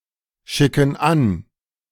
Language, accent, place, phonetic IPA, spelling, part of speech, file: German, Germany, Berlin, [ˌʃɪkn̩ ˈan], schicken an, verb, De-schicken an.ogg
- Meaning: inflection of anschicken: 1. first/third-person plural present 2. first/third-person plural subjunctive I